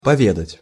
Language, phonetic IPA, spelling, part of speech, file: Russian, [pɐˈvʲedətʲ], поведать, verb, Ru-поведать.ogg
- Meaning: to tell, to retell, to recount, to say